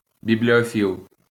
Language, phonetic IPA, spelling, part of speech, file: Ukrainian, [bʲiblʲioˈfʲiɫ], бібліофіл, noun, LL-Q8798 (ukr)-бібліофіл.wav
- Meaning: bibliophile, book lover